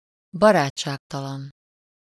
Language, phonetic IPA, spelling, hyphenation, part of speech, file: Hungarian, [ˈbɒraːt͡ʃːaːktɒlɒn], barátságtalan, ba‧rát‧ság‧ta‧lan, adjective, Hu-barátságtalan.ogg
- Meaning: unfriendly, unsociable